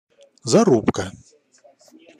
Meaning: incision, notch (v-shaped cut)
- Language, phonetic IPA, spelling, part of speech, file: Russian, [zɐˈrupkə], зарубка, noun, Ru-зарубка.ogg